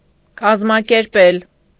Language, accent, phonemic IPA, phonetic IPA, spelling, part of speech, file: Armenian, Eastern Armenian, /kɑzmɑkeɾˈpel/, [kɑzmɑkeɾpél], կազմակերպել, verb, Hy-կազմակերպել.ogg
- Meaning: 1. to organize 2. to arrange